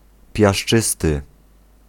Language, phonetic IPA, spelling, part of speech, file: Polish, [pʲjaʃˈt͡ʃɨstɨ], piaszczysty, adjective, Pl-piaszczysty.ogg